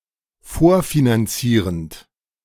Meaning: present participle of vorfinanzieren
- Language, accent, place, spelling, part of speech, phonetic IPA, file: German, Germany, Berlin, vorfinanzierend, verb, [ˈfoːɐ̯finanˌt͡siːʁənt], De-vorfinanzierend.ogg